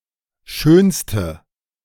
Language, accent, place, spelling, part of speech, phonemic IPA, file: German, Germany, Berlin, schönste, adjective, /ˈʃøːnstə/, De-schönste.ogg
- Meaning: inflection of schön: 1. strong/mixed nominative/accusative feminine singular superlative degree 2. strong nominative/accusative plural superlative degree